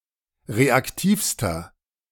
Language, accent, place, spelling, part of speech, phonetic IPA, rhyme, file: German, Germany, Berlin, reaktivster, adjective, [ˌʁeakˈtiːfstɐ], -iːfstɐ, De-reaktivster.ogg
- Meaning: inflection of reaktiv: 1. strong/mixed nominative masculine singular superlative degree 2. strong genitive/dative feminine singular superlative degree 3. strong genitive plural superlative degree